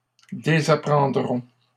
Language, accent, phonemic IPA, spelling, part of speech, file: French, Canada, /de.za.pʁɑ̃.dʁɔ̃/, désapprendrons, verb, LL-Q150 (fra)-désapprendrons.wav
- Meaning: first-person plural simple future of désapprendre